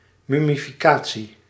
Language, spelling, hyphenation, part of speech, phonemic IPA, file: Dutch, mummificatie, mum‧mi‧fi‧ca‧tie, noun, /ˌmʏ.mi.fiˈkaː.(t)si/, Nl-mummificatie.ogg
- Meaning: mummification